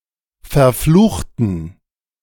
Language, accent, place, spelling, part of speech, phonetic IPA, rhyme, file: German, Germany, Berlin, verfluchten, adjective / verb, [fɛɐ̯ˈfluːxtn̩], -uːxtn̩, De-verfluchten.ogg
- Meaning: inflection of verfluchen: 1. first/third-person plural preterite 2. first/third-person plural subjunctive II